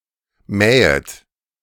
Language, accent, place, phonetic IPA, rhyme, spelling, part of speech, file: German, Germany, Berlin, [ˈmɛːət], -ɛːət, mähet, verb, De-mähet.ogg
- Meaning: second-person plural subjunctive I of mähen